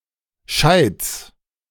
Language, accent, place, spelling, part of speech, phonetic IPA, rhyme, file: German, Germany, Berlin, Scheits, noun, [ʃaɪ̯t͡s], -aɪ̯t͡s, De-Scheits.ogg
- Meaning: genitive singular of Scheit